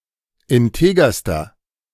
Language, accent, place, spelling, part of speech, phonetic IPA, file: German, Germany, Berlin, integerster, adjective, [ɪnˈteːɡɐstɐ], De-integerster.ogg
- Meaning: inflection of integer: 1. strong/mixed nominative masculine singular superlative degree 2. strong genitive/dative feminine singular superlative degree 3. strong genitive plural superlative degree